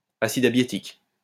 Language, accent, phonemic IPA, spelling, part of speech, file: French, France, /a.sid a.bje.tik/, acide abiétique, noun, LL-Q150 (fra)-acide abiétique.wav
- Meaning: abietic acid